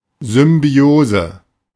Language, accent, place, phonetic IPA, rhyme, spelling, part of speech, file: German, Germany, Berlin, [zʏmˈbi̯oːzə], -oːzə, Symbiose, noun, De-Symbiose.ogg
- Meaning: 1. symbiosis, mutualism 2. symbiosis, combination (coexistance or blending of two or more separate goals, concepts or groups)